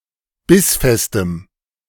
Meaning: strong dative masculine/neuter singular of bissfest
- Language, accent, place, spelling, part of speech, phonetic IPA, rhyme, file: German, Germany, Berlin, bissfestem, adjective, [ˈbɪsˌfɛstəm], -ɪsfɛstəm, De-bissfestem.ogg